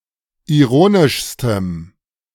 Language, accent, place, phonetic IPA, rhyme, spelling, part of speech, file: German, Germany, Berlin, [iˈʁoːnɪʃstəm], -oːnɪʃstəm, ironischstem, adjective, De-ironischstem.ogg
- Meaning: strong dative masculine/neuter singular superlative degree of ironisch